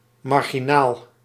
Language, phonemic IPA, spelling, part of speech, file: Dutch, /ˌmɑr.ɣiˈnaːl/, marginaal, adjective / adverb / noun, Nl-marginaal.ogg
- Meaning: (adjective) 1. marginal, in or at the margin or edge(s) 2. at the edge; borderline; destitute 3. socially outcast 4. (almost) insignificant, of minor importance 5. trashy